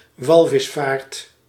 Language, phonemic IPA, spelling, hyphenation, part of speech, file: Dutch, /ˈʋɑl.vɪsˌfaːrt/, walvisvaart, wal‧vis‧vaart, noun, Nl-walvisvaart.ogg
- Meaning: whaling